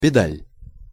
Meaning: pedal, treadle
- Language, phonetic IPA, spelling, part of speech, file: Russian, [pʲɪˈdalʲ], педаль, noun, Ru-педаль.ogg